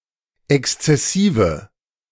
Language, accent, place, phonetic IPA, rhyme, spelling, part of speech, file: German, Germany, Berlin, [ˌɛkst͡sɛˈsiːvə], -iːvə, exzessive, adjective, De-exzessive.ogg
- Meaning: inflection of exzessiv: 1. strong/mixed nominative/accusative feminine singular 2. strong nominative/accusative plural 3. weak nominative all-gender singular